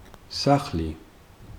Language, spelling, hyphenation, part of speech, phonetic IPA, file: Georgian, სახლი, სახ‧ლი, noun, [säχli], Ka-სახლი.ogg
- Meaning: home, house, dwelling